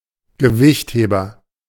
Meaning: weightlifter
- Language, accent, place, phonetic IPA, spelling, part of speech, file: German, Germany, Berlin, [ɡəˈvɪçtˌheːbɐ], Gewichtheber, noun, De-Gewichtheber.ogg